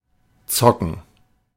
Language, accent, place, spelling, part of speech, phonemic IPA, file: German, Germany, Berlin, zocken, verb, /ˈtsɔkən/, De-zocken.ogg
- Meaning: 1. to gamble 2. to play video games (sometimes extended to card games)